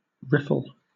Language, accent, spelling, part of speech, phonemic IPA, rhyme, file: English, Southern England, riffle, noun / verb, /ˈɹɪfəl/, -ɪfəl, LL-Q1860 (eng)-riffle.wav
- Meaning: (noun) 1. A swift, shallow part of a stream causing broken water 2. A succession of small waves